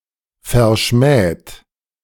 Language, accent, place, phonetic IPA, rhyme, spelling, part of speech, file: German, Germany, Berlin, [fɛɐ̯ˈʃmɛːt], -ɛːt, verschmäht, verb, De-verschmäht.ogg
- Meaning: 1. past participle of verschmähen 2. inflection of verschmähen: third-person singular present 3. inflection of verschmähen: second-person plural present 4. inflection of verschmähen: plural imperative